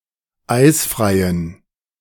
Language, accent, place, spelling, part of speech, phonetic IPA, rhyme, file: German, Germany, Berlin, eisfreien, adjective, [ˈaɪ̯sfʁaɪ̯ən], -aɪ̯sfʁaɪ̯ən, De-eisfreien.ogg
- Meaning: inflection of eisfrei: 1. strong genitive masculine/neuter singular 2. weak/mixed genitive/dative all-gender singular 3. strong/weak/mixed accusative masculine singular 4. strong dative plural